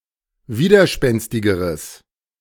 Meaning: strong/mixed nominative/accusative neuter singular comparative degree of widerspenstig
- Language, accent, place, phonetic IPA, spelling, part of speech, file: German, Germany, Berlin, [ˈviːdɐˌʃpɛnstɪɡəʁəs], widerspenstigeres, adjective, De-widerspenstigeres.ogg